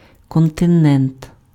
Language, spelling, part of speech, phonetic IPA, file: Ukrainian, континент, noun, [kɔnteˈnɛnt], Uk-континент.ogg
- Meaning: continent, mainland (large expanse of land)